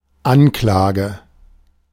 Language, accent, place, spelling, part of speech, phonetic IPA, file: German, Germany, Berlin, Anklage, noun, [ˈanˌklaːɡə], De-Anklage.ogg
- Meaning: 1. charge 2. accusation